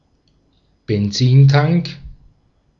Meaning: petrol tank / gas tank
- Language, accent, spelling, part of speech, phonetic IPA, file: German, Austria, Benzintank, noun, [bɛnˈt͡siːnˌtaŋk], De-at-Benzintank.ogg